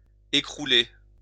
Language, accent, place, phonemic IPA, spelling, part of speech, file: French, France, Lyon, /e.kʁu.le/, écrouler, verb, LL-Q150 (fra)-écrouler.wav
- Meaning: to collapse